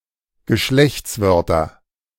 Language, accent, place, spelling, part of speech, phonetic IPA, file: German, Germany, Berlin, Geschlechtswörter, noun, [ɡəˈʃlɛçt͡sˌvœʁtɐ], De-Geschlechtswörter.ogg
- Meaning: nominative/accusative/genitive plural of Geschlechtswort